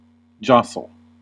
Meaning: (verb) 1. To bump into or brush against while in motion; to push aside 2. To move through by pushing and shoving 3. To be close to or in physical contact with
- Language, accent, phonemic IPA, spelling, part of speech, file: English, US, /ˈd͡ʒɑ.səl/, jostle, verb / noun, En-us-jostle.ogg